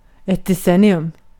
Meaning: a decade (period of ten years)
- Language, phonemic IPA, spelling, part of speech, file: Swedish, /dɛˈsɛnɪɵm/, decennium, noun, Sv-decennium.ogg